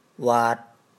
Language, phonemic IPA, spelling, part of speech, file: Mon, /wa̤t/, ဝါတ်, verb, Mnw-ဝါတ်.wav
- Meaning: 1. difficult 2. impoverished, (to be) poor